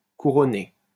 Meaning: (adjective) crowned; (verb) past participle of couronner
- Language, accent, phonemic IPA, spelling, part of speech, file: French, France, /ku.ʁɔ.ne/, couronné, adjective / verb, LL-Q150 (fra)-couronné.wav